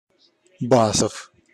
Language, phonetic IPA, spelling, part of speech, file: Russian, [ˈbasəf], Басов, proper noun, Ru-Басов.ogg
- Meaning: a surname, Basov